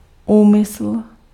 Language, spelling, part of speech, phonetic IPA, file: Czech, úmysl, noun, [ˈuːmɪsl̩], Cs-úmysl.ogg
- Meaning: intention